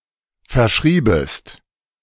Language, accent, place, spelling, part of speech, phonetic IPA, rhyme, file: German, Germany, Berlin, verschriebest, verb, [fɛɐ̯ˈʃʁiːbəst], -iːbəst, De-verschriebest.ogg
- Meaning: second-person singular subjunctive II of verschreiben